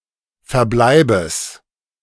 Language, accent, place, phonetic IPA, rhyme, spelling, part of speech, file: German, Germany, Berlin, [fɛɐ̯ˈblaɪ̯bəs], -aɪ̯bəs, Verbleibes, noun, De-Verbleibes.ogg
- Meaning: genitive singular of Verbleib